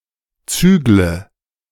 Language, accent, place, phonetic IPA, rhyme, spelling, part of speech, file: German, Germany, Berlin, [ˈt͡syːɡlə], -yːɡlə, zügle, verb, De-zügle.ogg
- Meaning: inflection of zügeln: 1. first-person singular present 2. singular imperative 3. first/third-person singular subjunctive I